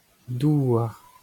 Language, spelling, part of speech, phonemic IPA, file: Breton, douar, noun, /ˈduː.ar/, LL-Q12107 (bre)-douar.wav
- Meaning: 1. earth, soil 2. Earth 3. land, country